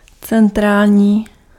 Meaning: central
- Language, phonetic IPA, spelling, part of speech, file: Czech, [ˈt͡sɛntraːlɲiː], centrální, adjective, Cs-centrální.ogg